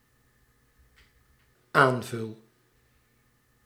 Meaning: first-person singular dependent-clause present indicative of aanvullen
- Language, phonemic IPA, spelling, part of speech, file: Dutch, /ˈaɱvʏl/, aanvul, verb, Nl-aanvul.ogg